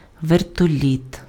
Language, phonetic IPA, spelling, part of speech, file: Ukrainian, [ʋertoˈlʲit], вертоліт, noun, Uk-вертоліт.ogg
- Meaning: helicopter